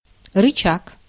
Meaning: lever (rigid thing turning about an axis, used for transmitting and modifying force and motion)
- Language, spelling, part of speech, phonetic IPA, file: Russian, рычаг, noun, [rɨˈt͡ɕak], Ru-рычаг.ogg